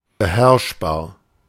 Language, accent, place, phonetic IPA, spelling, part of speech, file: German, Germany, Berlin, [bəˈhɛʁʃbaːɐ̯], beherrschbar, adjective, De-beherrschbar.ogg
- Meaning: manageable, controllable